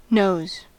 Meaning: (verb) 1. third-person singular simple present indicative of know 2. All persons, singular and plural, present form of know; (noun) plural of know
- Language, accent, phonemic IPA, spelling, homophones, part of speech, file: English, US, /noʊz/, knows, noes / nose, verb / noun, En-us-knows.ogg